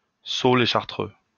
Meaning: 1. the Order of Carthusian 2. a Chartreux cat
- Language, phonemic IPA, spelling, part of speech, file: French, /ʃaʁ.tʁø/, Chartreux, proper noun, LL-Q150 (fra)-Chartreux.wav